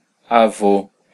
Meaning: grandfather, male grandparent
- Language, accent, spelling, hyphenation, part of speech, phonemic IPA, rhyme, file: Portuguese, Brazil, avô, a‧vô, noun, /aˈvo/, -o, Pt-br-avô.ogg